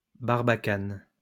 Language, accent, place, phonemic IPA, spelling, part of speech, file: French, France, Lyon, /baʁ.ba.kan/, barbacane, noun, LL-Q150 (fra)-barbacane.wav
- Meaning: 1. barbican 2. buttress